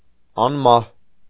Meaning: immortal
- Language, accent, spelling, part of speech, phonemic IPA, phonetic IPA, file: Armenian, Eastern Armenian, անմահ, adjective, /ɑnˈmɑh/, [ɑnmɑ́h], Hy-անմահ.ogg